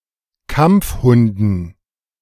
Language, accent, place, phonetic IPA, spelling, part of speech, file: German, Germany, Berlin, [ˈkamp͡fˌhʊndn̩], Kampfhunden, noun, De-Kampfhunden.ogg
- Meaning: dative plural of Kampfhund